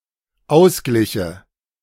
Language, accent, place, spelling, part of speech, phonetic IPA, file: German, Germany, Berlin, ausgliche, verb, [ˈaʊ̯sˌɡlɪçə], De-ausgliche.ogg
- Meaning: first/third-person singular dependent subjunctive II of ausgleichen